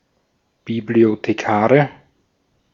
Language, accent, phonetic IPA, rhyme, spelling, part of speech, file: German, Austria, [ˌbiblioteˈkaːʁə], -aːʁə, Bibliothekare, noun, De-at-Bibliothekare.ogg
- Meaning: nominative/accusative/genitive plural of Bibliothekar